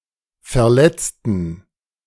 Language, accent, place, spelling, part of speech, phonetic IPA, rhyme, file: German, Germany, Berlin, Verletzten, noun, [fɛɐ̯ˈlɛt͡stn̩], -ɛt͡stn̩, De-Verletzten.ogg
- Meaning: inflection of Verletzter: 1. strong genitive/accusative singular 2. strong dative plural 3. weak/mixed genitive/dative/accusative singular 4. weak/mixed all-case plural